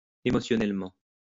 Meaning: emotionally
- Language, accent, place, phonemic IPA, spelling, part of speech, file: French, France, Lyon, /e.mɔ.sjɔ.nɛl.mɑ̃/, émotionnellement, adverb, LL-Q150 (fra)-émotionnellement.wav